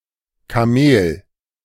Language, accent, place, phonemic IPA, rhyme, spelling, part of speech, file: German, Germany, Berlin, /kaˈmeːl/, -eːl, Kamel, noun, De-Kamel.ogg
- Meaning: 1. camel 2. a stupid person